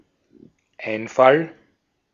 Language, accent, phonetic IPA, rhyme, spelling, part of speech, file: German, Austria, [ˈaɪ̯nˌfal], -aɪ̯nfal, Einfall, noun, De-at-Einfall.ogg
- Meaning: 1. idea 2. invasion, inroad